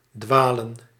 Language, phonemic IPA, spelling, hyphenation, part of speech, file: Dutch, /ˈdʋaːlə(n)/, dwalen, dwa‧len, verb / noun, Nl-dwalen.ogg
- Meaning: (verb) 1. to stray, wander 2. to err; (noun) plural of dwaal